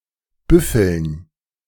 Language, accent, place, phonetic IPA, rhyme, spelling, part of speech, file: German, Germany, Berlin, [ˈbʏfl̩n], -ʏfl̩n, Büffeln, noun, De-Büffeln.ogg
- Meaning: dative plural of Büffel